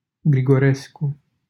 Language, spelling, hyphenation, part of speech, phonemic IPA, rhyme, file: Romanian, Grigorescu, Gri‧go‧res‧cu, proper noun, /ɡri.ɡoˈres.ku/, -esku, LL-Q7913 (ron)-Grigorescu.wav
- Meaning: a surname